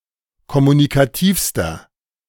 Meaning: inflection of kommunikativ: 1. strong/mixed nominative masculine singular superlative degree 2. strong genitive/dative feminine singular superlative degree 3. strong genitive plural superlative degree
- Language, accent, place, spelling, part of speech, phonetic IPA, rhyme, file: German, Germany, Berlin, kommunikativster, adjective, [kɔmunikaˈtiːfstɐ], -iːfstɐ, De-kommunikativster.ogg